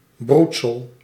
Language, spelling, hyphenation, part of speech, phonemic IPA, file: Dutch, broedsel, broed‧sel, noun, /ˈbrut.səl/, Nl-broedsel.ogg
- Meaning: brood, spawn